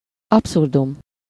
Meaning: absurdity
- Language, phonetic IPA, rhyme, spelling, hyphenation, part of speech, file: Hungarian, [ˈɒpsurdum], -um, abszurdum, ab‧szur‧dum, noun, Hu-abszurdum.ogg